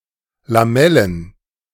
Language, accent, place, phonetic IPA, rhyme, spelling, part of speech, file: German, Germany, Berlin, [laˈmɛlən], -ɛlən, Lamellen, noun, De-Lamellen.ogg
- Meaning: plural of Lamelle